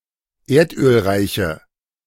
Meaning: inflection of erdölreich: 1. strong/mixed nominative/accusative feminine singular 2. strong nominative/accusative plural 3. weak nominative all-gender singular
- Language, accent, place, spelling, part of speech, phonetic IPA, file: German, Germany, Berlin, erdölreiche, adjective, [ˈeːɐ̯tʔøːlˌʁaɪ̯çə], De-erdölreiche.ogg